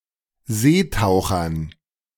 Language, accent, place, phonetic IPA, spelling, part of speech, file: German, Germany, Berlin, [ˈzeːˌtaʊ̯xɐn], Seetauchern, noun, De-Seetauchern.ogg
- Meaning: dative plural of Seetaucher